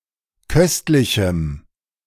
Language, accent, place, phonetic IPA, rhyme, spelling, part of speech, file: German, Germany, Berlin, [ˈkœstlɪçm̩], -œstlɪçm̩, köstlichem, adjective, De-köstlichem.ogg
- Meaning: strong dative masculine/neuter singular of köstlich